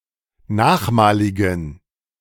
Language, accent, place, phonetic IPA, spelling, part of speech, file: German, Germany, Berlin, [ˈnaːxˌmaːlɪɡn̩], nachmaligen, adjective, De-nachmaligen.ogg
- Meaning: inflection of nachmalig: 1. strong genitive masculine/neuter singular 2. weak/mixed genitive/dative all-gender singular 3. strong/weak/mixed accusative masculine singular 4. strong dative plural